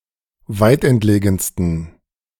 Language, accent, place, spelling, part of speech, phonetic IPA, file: German, Germany, Berlin, weitentlegensten, adjective, [ˈvaɪ̯tʔɛntˌleːɡn̩stən], De-weitentlegensten.ogg
- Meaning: 1. superlative degree of weitentlegen 2. inflection of weitentlegen: strong genitive masculine/neuter singular superlative degree